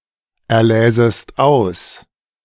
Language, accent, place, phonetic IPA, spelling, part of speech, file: German, Germany, Berlin, [ɛɐ̯ˌlɛːzəst ˈaʊ̯s], erläsest aus, verb, De-erläsest aus.ogg
- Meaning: second-person singular subjunctive II of auserlesen